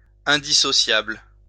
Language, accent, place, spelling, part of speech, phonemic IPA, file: French, France, Lyon, indissociable, adjective, /ɛ̃.di.sɔ.sjabl/, LL-Q150 (fra)-indissociable.wav
- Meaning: indissociable, inseparable, inextricably linked